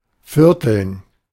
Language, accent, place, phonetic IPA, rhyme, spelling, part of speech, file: German, Germany, Berlin, [ˈfɪʁtl̩n], -ɪʁtl̩n, Vierteln, noun, De-Vierteln.ogg
- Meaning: dative plural of Viertel